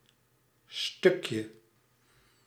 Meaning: diminutive of stuk
- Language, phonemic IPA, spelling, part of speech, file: Dutch, /ˈstʏkjə/, stukje, noun, Nl-stukje.ogg